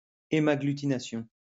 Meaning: hemagglutination
- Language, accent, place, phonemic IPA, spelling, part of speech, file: French, France, Lyon, /e.ma.ɡly.ti.na.sjɔ̃/, hémagglutination, noun, LL-Q150 (fra)-hémagglutination.wav